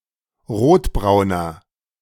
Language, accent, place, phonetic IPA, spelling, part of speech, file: German, Germany, Berlin, [ˈʁoːtˌbʁaʊ̯nɐ], rotbrauner, adjective, De-rotbrauner.ogg
- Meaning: inflection of rotbraun: 1. strong/mixed nominative masculine singular 2. strong genitive/dative feminine singular 3. strong genitive plural